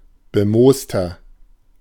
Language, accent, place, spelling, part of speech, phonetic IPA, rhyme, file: German, Germany, Berlin, bemooster, adjective, [bəˈmoːstɐ], -oːstɐ, De-bemooster.ogg
- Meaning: 1. comparative degree of bemoost 2. inflection of bemoost: strong/mixed nominative masculine singular 3. inflection of bemoost: strong genitive/dative feminine singular